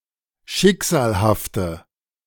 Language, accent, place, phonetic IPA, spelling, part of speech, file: German, Germany, Berlin, [ˈʃɪkz̥aːlhaftə], schicksalhafte, adjective, De-schicksalhafte.ogg
- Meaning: inflection of schicksalhaft: 1. strong/mixed nominative/accusative feminine singular 2. strong nominative/accusative plural 3. weak nominative all-gender singular